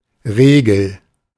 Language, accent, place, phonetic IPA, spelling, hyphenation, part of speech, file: German, Germany, Berlin, [ˈʁeːɡl̩], Regel, Re‧gel, noun, De-Regel.ogg
- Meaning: 1. rule 2. the usual, the default, the norm 3. menstruation